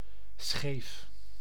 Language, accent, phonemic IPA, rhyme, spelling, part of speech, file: Dutch, Netherlands, /sxeːf/, -eːf, scheef, adjective / noun, Nl-scheef.ogg
- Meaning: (adjective) 1. crooked, not level or straight 2. weird, not right; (noun) shive, i.e. fragment of the woody core of flax or hemp